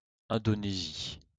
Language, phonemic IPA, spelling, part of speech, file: French, /ɛ̃.do.ne.zi/, Indonésie, proper noun, LL-Q150 (fra)-Indonésie.wav
- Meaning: Indonesia (a country and archipelago in maritime Southeast Asia)